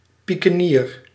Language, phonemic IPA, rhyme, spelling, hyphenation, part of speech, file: Dutch, /ˌpi.kəˈniːr/, -iːr, piekenier, pie‧ke‧nier, noun, Nl-piekenier.ogg
- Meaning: 1. pikeman 2. a street hawker of fruit and vegetables 3. a certain brownish moth, which as a caterpillar has a black and green body, with a wide yellow dorsal stripe and red spots on the side